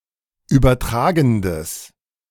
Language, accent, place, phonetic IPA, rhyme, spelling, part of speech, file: German, Germany, Berlin, [ˌyːbɐˈtʁaːɡn̩dəs], -aːɡn̩dəs, übertragendes, adjective, De-übertragendes.ogg
- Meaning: strong/mixed nominative/accusative neuter singular of übertragend